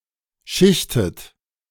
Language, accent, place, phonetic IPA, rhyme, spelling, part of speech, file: German, Germany, Berlin, [ˈʃɪçtət], -ɪçtət, schichtet, verb, De-schichtet.ogg
- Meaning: inflection of schichten: 1. second-person plural present 2. second-person plural subjunctive I 3. third-person singular present 4. plural imperative